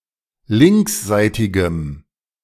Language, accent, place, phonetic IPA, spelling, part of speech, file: German, Germany, Berlin, [ˈlɪŋksˌzaɪ̯tɪɡəm], linksseitigem, adjective, De-linksseitigem.ogg
- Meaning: strong dative masculine/neuter singular of linksseitig